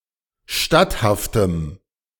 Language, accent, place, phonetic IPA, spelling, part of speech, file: German, Germany, Berlin, [ˈʃtathaftəm], statthaftem, adjective, De-statthaftem.ogg
- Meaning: strong dative masculine/neuter singular of statthaft